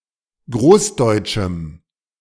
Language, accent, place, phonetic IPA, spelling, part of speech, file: German, Germany, Berlin, [ˈɡʁoːsˌdɔɪ̯t͡ʃm̩], großdeutschem, adjective, De-großdeutschem.ogg
- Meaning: strong dative masculine/neuter singular of großdeutsch